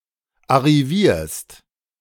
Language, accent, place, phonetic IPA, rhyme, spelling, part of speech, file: German, Germany, Berlin, [aʁiˈviːɐ̯st], -iːɐ̯st, arrivierst, verb, De-arrivierst.ogg
- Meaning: second-person singular present of arrivieren